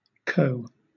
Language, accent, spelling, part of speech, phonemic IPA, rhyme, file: English, Southern England, co, noun / pronoun, /kəʊ/, -əʊ, LL-Q1860 (eng)-co.wav
- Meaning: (noun) Clipping of company; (pronoun) 1. Gender-neutral subject pronoun, coordinate with gendered pronouns he and she 2. Gender-neutral object pronoun, coordinate with gendered pronouns him and her